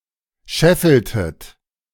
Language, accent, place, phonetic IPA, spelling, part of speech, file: German, Germany, Berlin, [ˈʃɛfl̩tət], scheffeltet, verb, De-scheffeltet.ogg
- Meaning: inflection of scheffeln: 1. second-person plural preterite 2. second-person plural subjunctive II